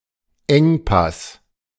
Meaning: 1. defile (very narrow path, especially in mountainous terrain) 2. strait; bottleneck; shortage; shortfall (difficult situation where there is a lack of ressources or space)
- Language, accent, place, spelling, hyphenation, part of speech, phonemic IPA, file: German, Germany, Berlin, Engpass, Eng‧pass, noun, /ˈɛŋˌpas/, De-Engpass.ogg